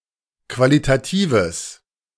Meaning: strong/mixed nominative/accusative neuter singular of qualitativ
- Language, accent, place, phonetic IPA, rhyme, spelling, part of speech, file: German, Germany, Berlin, [ˌkvalitaˈtiːvəs], -iːvəs, qualitatives, adjective, De-qualitatives.ogg